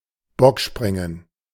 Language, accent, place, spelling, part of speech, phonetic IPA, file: German, Germany, Berlin, Bockspringen, noun, [ˈbɔkˌʃpʁɪŋən], De-Bockspringen.ogg
- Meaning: leapfrog